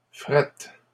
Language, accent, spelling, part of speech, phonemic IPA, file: French, Canada, frettes, adjective, /fʁɛt/, LL-Q150 (fra)-frettes.wav
- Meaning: plural of frette